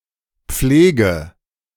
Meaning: inflection of pflegen: 1. first-person singular present 2. first/third-person singular subjunctive I 3. singular imperative
- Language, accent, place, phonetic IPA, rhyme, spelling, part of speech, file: German, Germany, Berlin, [ˈp͡fleːɡə], -eːɡə, pflege, verb, De-pflege.ogg